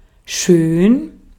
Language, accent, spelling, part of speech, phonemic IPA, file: German, Austria, schön, adjective / adverb, /ʃøːn/, De-at-schön.ogg
- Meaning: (adjective) 1. beautiful, lovely, pretty, handsome 2. good, great, splendid 3. nice, pleasant; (adverb) 1. well, beautifully 2. really 3. nicely